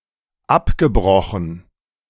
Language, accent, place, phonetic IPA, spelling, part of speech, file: German, Germany, Berlin, [ˈapɡəˌbʁɔxn̩], abgebrochen, adjective / verb, De-abgebrochen.ogg
- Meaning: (verb) past participle of abbrechen; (adjective) broken